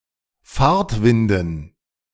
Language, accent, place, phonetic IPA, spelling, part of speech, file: German, Germany, Berlin, [ˈfaːɐ̯tˌvɪndn̩], Fahrtwinden, noun, De-Fahrtwinden.ogg
- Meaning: dative plural of Fahrtwind